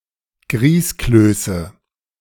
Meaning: nominative/accusative/genitive plural of Grießkloß
- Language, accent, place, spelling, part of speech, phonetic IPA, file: German, Germany, Berlin, Grießklöße, noun, [ˈɡʁiːskløːsə], De-Grießklöße.ogg